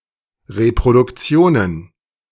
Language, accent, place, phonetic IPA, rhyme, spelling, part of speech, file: German, Germany, Berlin, [ʁepʁodʊkˈt͡si̯oːnən], -oːnən, Reproduktionen, noun, De-Reproduktionen.ogg
- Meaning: plural of Reproduktion